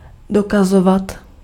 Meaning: imperfective form of dokázat
- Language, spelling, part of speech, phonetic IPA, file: Czech, dokazovat, verb, [ˈdokazovat], Cs-dokazovat.ogg